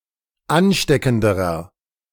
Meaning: inflection of ansteckend: 1. strong/mixed nominative masculine singular comparative degree 2. strong genitive/dative feminine singular comparative degree 3. strong genitive plural comparative degree
- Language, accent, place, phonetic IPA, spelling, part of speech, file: German, Germany, Berlin, [ˈanˌʃtɛkn̩dəʁɐ], ansteckenderer, adjective, De-ansteckenderer.ogg